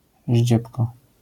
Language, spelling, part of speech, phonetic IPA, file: Polish, ździebko, noun / adverb, [ˈʑd͡ʑɛpkɔ], LL-Q809 (pol)-ździebko.wav